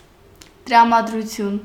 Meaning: mood, temper, disposition
- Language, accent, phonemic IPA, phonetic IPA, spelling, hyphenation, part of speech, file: Armenian, Eastern Armenian, /t(ə)ɾɑmɑdɾuˈtʰjun/, [t(ə)ɾɑmɑdɾut͡sʰjún], տրամադրություն, տրա‧մա‧դրու‧թյուն, noun, Hy-տրամադրություն.ogg